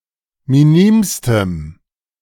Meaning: strong dative masculine/neuter singular superlative degree of minim
- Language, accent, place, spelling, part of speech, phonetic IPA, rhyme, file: German, Germany, Berlin, minimstem, adjective, [miˈniːmstəm], -iːmstəm, De-minimstem.ogg